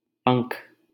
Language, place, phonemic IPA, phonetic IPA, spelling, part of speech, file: Hindi, Delhi, /pəŋkʰ/, [pɐ̃ŋkʰ], पंख, noun, LL-Q1568 (hin)-पंख.wav
- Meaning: 1. wing 2. feather